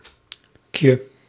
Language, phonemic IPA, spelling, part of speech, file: Dutch, /kjə/, -kje, suffix, Nl--kje.ogg
- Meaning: alternative form of -tje